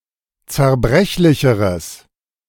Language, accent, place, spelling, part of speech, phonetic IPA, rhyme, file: German, Germany, Berlin, zerbrechlicheres, adjective, [t͡sɛɐ̯ˈbʁɛçlɪçəʁəs], -ɛçlɪçəʁəs, De-zerbrechlicheres.ogg
- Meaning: strong/mixed nominative/accusative neuter singular comparative degree of zerbrechlich